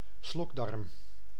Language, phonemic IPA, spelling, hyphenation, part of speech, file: Dutch, /ˈslɔk.dɑrm/, slokdarm, slok‧darm, noun, Nl-slokdarm.ogg
- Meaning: gullet, oesophagus